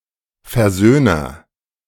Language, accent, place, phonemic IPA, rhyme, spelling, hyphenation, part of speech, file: German, Germany, Berlin, /fɛɐ̯ˈzøːnɐ/, -øːnɐ, Versöhner, Ver‧söh‧ner, noun, De-Versöhner.ogg
- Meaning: agent noun of versöhnen; reconciler